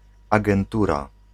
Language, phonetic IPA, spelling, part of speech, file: Polish, [ˌaɡɛ̃nˈtura], agentura, noun, Pl-agentura.ogg